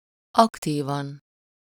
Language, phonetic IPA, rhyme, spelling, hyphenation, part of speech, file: Hungarian, [ˈɒktiːvɒn], -ɒn, aktívan, ak‧tí‧van, adverb, Hu-aktívan.ogg
- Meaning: actively